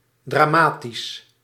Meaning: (adjective) 1. dramatic, pertaining to drama 2. tragic, sad 3. melodramatic, sentimental; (adverb) dramatically
- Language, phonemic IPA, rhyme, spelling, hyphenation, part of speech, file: Dutch, /ˌdraːˈmaː.tis/, -aːtis, dramatisch, dra‧ma‧tisch, adjective / adverb, Nl-dramatisch.ogg